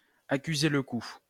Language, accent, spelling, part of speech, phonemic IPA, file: French, France, accuser le coup, verb, /a.ky.ze l(ə) ku/, LL-Q150 (fra)-accuser le coup.wav
- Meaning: to be visibly shaken, to be visibly affected